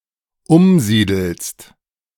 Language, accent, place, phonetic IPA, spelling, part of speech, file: German, Germany, Berlin, [ˈʊmˌziːdl̩st], umsiedelst, verb, De-umsiedelst.ogg
- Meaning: second-person singular dependent present of umsiedeln